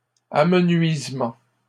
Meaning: diminution
- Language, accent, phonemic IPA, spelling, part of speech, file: French, Canada, /a.mə.nɥiz.mɑ̃/, amenuisement, noun, LL-Q150 (fra)-amenuisement.wav